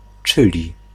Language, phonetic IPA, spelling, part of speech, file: Polish, [ˈt͡ʃɨlʲi], czyli, conjunction, Pl-czyli.ogg